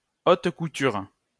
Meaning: haute couture, high fashion
- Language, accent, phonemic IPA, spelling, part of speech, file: French, France, /ot ku.tyʁ/, haute couture, noun, LL-Q150 (fra)-haute couture.wav